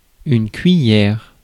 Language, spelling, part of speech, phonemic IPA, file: French, cuiller, noun, /kɥi.jɛʁ/, Fr-cuiller.ogg
- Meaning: alternative spelling of cuillère